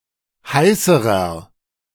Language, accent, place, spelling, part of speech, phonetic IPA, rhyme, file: German, Germany, Berlin, heißerer, adjective, [ˈhaɪ̯səʁɐ], -aɪ̯səʁɐ, De-heißerer.ogg
- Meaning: inflection of heiß: 1. strong/mixed nominative masculine singular comparative degree 2. strong genitive/dative feminine singular comparative degree 3. strong genitive plural comparative degree